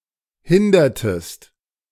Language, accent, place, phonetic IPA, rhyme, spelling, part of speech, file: German, Germany, Berlin, [ˈhɪndɐtəst], -ɪndɐtəst, hindertest, verb, De-hindertest.ogg
- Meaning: inflection of hindern: 1. second-person singular preterite 2. second-person singular subjunctive II